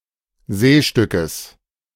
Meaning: genitive of Seestück
- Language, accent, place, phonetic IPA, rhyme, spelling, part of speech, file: German, Germany, Berlin, [ˈzeːʃtʏkəs], -eːʃtʏkəs, Seestückes, noun, De-Seestückes.ogg